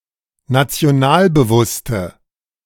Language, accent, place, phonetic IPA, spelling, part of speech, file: German, Germany, Berlin, [nat͡si̯oˈnaːlbəˌvʊstə], nationalbewusste, adjective, De-nationalbewusste.ogg
- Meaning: inflection of nationalbewusst: 1. strong/mixed nominative/accusative feminine singular 2. strong nominative/accusative plural 3. weak nominative all-gender singular